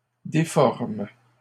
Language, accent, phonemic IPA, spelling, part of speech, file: French, Canada, /de.fɔʁm/, déforment, verb, LL-Q150 (fra)-déforment.wav
- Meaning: third-person plural present indicative/subjunctive of déformer